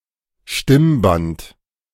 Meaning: vocal cord
- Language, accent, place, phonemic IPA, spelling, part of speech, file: German, Germany, Berlin, /ˈʃtɪmˌbant/, Stimmband, noun, De-Stimmband.ogg